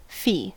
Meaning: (noun) An amount charged in return for permission to do something
- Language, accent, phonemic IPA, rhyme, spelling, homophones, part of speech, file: English, US, /fiː/, -iː, fee, fi, noun / verb, En-us-fee.ogg